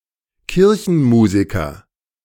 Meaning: church musician (male or of unspecified sex)
- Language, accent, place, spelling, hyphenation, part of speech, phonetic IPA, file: German, Germany, Berlin, Kirchenmusiker, Kir‧chen‧mu‧si‧ker, noun, [ˈkɪʁçn̩ˌmuːzɪkɐ], De-Kirchenmusiker.ogg